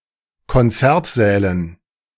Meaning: dative plural of Konzertsaal
- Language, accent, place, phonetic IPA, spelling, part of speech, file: German, Germany, Berlin, [kɔnˈt͡sɛʁtˌzɛːlən], Konzertsälen, noun, De-Konzertsälen.ogg